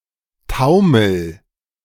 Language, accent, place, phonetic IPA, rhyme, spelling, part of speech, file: German, Germany, Berlin, [ˈtaʊ̯ml̩], -aʊ̯ml̩, taumel, verb, De-taumel.ogg
- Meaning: inflection of taumeln: 1. first-person singular present 2. singular imperative